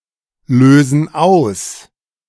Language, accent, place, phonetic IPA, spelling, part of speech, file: German, Germany, Berlin, [ˌløːzn̩ ˈaʊ̯s], lösen aus, verb, De-lösen aus.ogg
- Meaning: inflection of auslösen: 1. first/third-person plural present 2. first/third-person plural subjunctive I